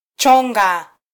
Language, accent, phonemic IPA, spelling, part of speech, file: Swahili, Kenya, /ˈtʃɔ.ᵑɡɑ/, chonga, verb, Sw-ke-chonga.flac
- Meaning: 1. to carve, to sculpt, to whittle 2. to sharpen